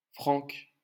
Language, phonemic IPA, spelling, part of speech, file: French, /fʁɑ̃k/, Franck, proper noun, LL-Q150 (fra)-Franck.wav
- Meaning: a male given name, equivalent to English Frank